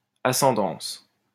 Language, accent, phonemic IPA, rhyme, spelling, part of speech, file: French, France, /a.sɑ̃.dɑ̃s/, -ɑ̃s, ascendance, noun, LL-Q150 (fra)-ascendance.wav
- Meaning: 1. ascent 2. ancestry 3. thermal. Area of rising air used by glider pilots